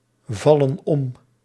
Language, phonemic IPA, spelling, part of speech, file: Dutch, /ˈvɑlə(n) ˈɔm/, vallen om, verb, Nl-vallen om.ogg
- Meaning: inflection of omvallen: 1. plural present indicative 2. plural present subjunctive